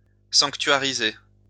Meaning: to sanctuarize
- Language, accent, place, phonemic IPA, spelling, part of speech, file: French, France, Lyon, /sɑ̃k.tɥa.ʁi.ze/, sanctuariser, verb, LL-Q150 (fra)-sanctuariser.wav